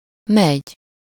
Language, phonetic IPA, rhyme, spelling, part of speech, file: Hungarian, [ˈmɛɟ], -ɛɟ, megy, verb, Hu-megy.ogg
- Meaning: 1. to go, travel (whether on foot or by any vehicle) 2. to work, operate, function 3. to happen, turn out 4. to succeed (to turn out successfully)